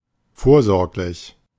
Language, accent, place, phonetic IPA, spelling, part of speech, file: German, Germany, Berlin, [ˈfoːɐ̯ˌzɔʁklɪç], vorsorglich, adjective, De-vorsorglich.ogg
- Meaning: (adjective) 1. precautionary, preventative 2. provident; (adverb) providently